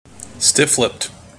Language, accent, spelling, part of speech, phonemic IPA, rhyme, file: English, General American, stiff-lipped, adjective, /ˌstɪf ˈlɪpt/, -ɪpt, En-us-stiff-lipped.mp3
- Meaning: Maintaining a stiff upper lip